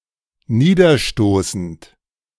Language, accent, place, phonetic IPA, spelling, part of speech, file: German, Germany, Berlin, [ˈniːdɐˌʃtoːsn̩t], niederstoßend, verb, De-niederstoßend.ogg
- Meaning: present participle of niederstoßen